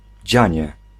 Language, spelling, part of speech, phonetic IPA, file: Polish, dzianie, noun, [ˈd͡ʑä̃ɲɛ], Pl-dzianie.ogg